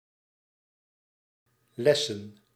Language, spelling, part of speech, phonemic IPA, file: Dutch, lessen, verb / noun, /ˈlɛsə(n)/, Nl-lessen.ogg
- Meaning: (verb) 1. to quench (thirst) 2. to take a lesson (usually a driving lesson); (noun) plural of les